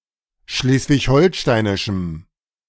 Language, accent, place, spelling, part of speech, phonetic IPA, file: German, Germany, Berlin, schleswig-holsteinischem, adjective, [ˈʃleːsvɪçˈhɔlʃtaɪ̯nɪʃm̩], De-schleswig-holsteinischem.ogg
- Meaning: strong dative masculine/neuter singular of schleswig-holsteinisch